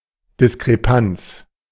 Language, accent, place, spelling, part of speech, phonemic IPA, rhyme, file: German, Germany, Berlin, Diskrepanz, noun, /ˌdɪskʁeˈpant͡s/, -ants, De-Diskrepanz.ogg
- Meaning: discrepancy (inconsistency)